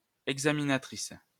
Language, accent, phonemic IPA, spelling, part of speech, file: French, France, /ɛɡ.za.mi.na.tʁis/, examinatrice, noun, LL-Q150 (fra)-examinatrice.wav
- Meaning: female equivalent of examinateur (“examiner”)